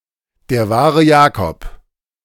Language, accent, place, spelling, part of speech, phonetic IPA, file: German, Germany, Berlin, der wahre Jakob, noun, [deːɐ̯ ˈvaːʁə ˈjaːkɔp], De-der wahre Jakob.ogg
- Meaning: the real McCoy